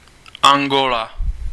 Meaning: Angola (a country in Southern Africa)
- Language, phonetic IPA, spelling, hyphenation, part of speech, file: Czech, [ˈaŋɡola], Angola, An‧go‧la, proper noun, Cs-Angola.ogg